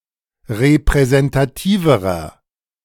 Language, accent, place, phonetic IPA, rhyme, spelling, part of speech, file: German, Germany, Berlin, [ʁepʁɛzɛntaˈtiːvəʁɐ], -iːvəʁɐ, repräsentativerer, adjective, De-repräsentativerer.ogg
- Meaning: inflection of repräsentativ: 1. strong/mixed nominative masculine singular comparative degree 2. strong genitive/dative feminine singular comparative degree